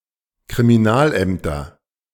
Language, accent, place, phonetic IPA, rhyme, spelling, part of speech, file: German, Germany, Berlin, [kʁimiˈnaːlˌʔɛmtɐ], -aːlʔɛmtɐ, Kriminalämter, noun, De-Kriminalämter.ogg
- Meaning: nominative/accusative/genitive plural of Kriminalamt